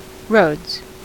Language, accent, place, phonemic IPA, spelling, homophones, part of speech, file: English, US, California, /ɹoʊdz/, roads, Rhodes, noun, En-us-roads.ogg
- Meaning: 1. plural of road 2. A roadstead